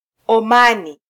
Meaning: Oman (a country in West Asia in the Middle East)
- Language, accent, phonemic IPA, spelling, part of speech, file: Swahili, Kenya, /ɔˈmɑ.ni/, Omani, proper noun, Sw-ke-Omani.flac